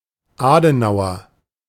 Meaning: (noun) a native or inhabitant of Adenau; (adjective) Adenau; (proper noun) a surname
- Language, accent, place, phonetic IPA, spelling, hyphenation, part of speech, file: German, Germany, Berlin, [ˈaːdənaʊ̯ɐ], Adenauer, Ade‧nau‧er, noun / adjective / proper noun, De-Adenauer.ogg